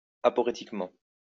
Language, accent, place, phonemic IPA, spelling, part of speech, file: French, France, Lyon, /a.pɔ.ʁe.tik.mɑ̃/, aporetiquement, adverb, LL-Q150 (fra)-aporetiquement.wav
- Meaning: aporetically